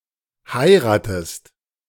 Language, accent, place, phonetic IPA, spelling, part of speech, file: German, Germany, Berlin, [ˈhaɪ̯ʁaːtəst], heiratest, verb, De-heiratest.ogg
- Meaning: inflection of heiraten: 1. second-person singular present 2. second-person singular subjunctive I